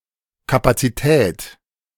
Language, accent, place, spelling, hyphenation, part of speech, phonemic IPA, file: German, Germany, Berlin, Kapazität, Ka‧pa‧zi‧tät, noun, /ˌkapat͡siˈtɛːt/, De-Kapazität.ogg
- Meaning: 1. capacity 2. capacity: capacity, capability; spoons 3. capacitance 4. a highly skilled expert